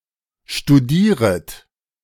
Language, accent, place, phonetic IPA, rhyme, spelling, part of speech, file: German, Germany, Berlin, [ʃtuˈdiːʁət], -iːʁət, studieret, verb, De-studieret.ogg
- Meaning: second-person plural subjunctive I of studieren